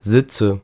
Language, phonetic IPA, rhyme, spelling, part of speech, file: German, [ˈzɪt͡sə], -ɪt͡sə, Sitze, noun, De-Sitze.ogg
- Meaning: nominative/accusative/genitive plural of Sitz